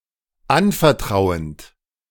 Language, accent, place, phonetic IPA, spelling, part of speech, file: German, Germany, Berlin, [ˈanfɛɐ̯ˌtʁaʊ̯ənt], anvertrauend, verb, De-anvertrauend.ogg
- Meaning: present participle of anvertrauen